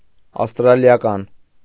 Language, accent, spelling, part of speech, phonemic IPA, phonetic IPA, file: Armenian, Eastern Armenian, ավստրալիական, adjective, /ɑfstɾɑljɑˈkɑn/, [ɑfstɾɑljɑkɑ́n], Hy-ավստրալիական.ogg
- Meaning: Australian